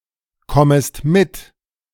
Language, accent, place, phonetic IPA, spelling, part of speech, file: German, Germany, Berlin, [ˌkɔməst ˈmɪt], kommest mit, verb, De-kommest mit.ogg
- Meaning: second-person singular subjunctive I of mitkommen